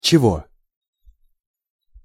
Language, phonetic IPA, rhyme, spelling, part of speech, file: Russian, [t͡ɕɪˈvo], -o, чего, pronoun / interjection, Ru-чего.ogg
- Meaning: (pronoun) 1. genitive of что (što) 2. nominative of что (što) 3. accusative of что (što) 4. what for? why?; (interjection) what? what do you want?!